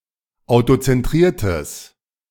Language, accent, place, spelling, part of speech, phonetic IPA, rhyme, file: German, Germany, Berlin, autozentriertes, adjective, [aʊ̯tot͡sɛnˈtʁiːɐ̯təs], -iːɐ̯təs, De-autozentriertes.ogg
- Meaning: strong/mixed nominative/accusative neuter singular of autozentriert